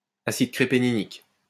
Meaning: crepenynic acid
- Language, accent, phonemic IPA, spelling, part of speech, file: French, France, /a.sid kʁe.pe.ni.nik/, acide crépénynique, noun, LL-Q150 (fra)-acide crépénynique.wav